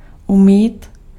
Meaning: to wash
- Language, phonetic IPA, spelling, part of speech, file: Czech, [ˈumiːt], umýt, verb, Cs-umýt.ogg